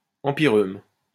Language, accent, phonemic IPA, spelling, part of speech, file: French, France, /ɑ̃.pi.ʁøm/, empyreume, noun, LL-Q150 (fra)-empyreume.wav
- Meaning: empyreuma